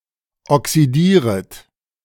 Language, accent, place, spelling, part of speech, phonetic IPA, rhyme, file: German, Germany, Berlin, oxidieret, verb, [ɔksiˈdiːʁət], -iːʁət, De-oxidieret.ogg
- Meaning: second-person plural subjunctive I of oxidieren